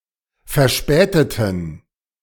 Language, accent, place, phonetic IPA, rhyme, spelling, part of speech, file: German, Germany, Berlin, [fɛɐ̯ˈʃpɛːtətn̩], -ɛːtətn̩, verspäteten, adjective / verb, De-verspäteten.ogg
- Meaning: inflection of verspätet: 1. strong genitive masculine/neuter singular 2. weak/mixed genitive/dative all-gender singular 3. strong/weak/mixed accusative masculine singular 4. strong dative plural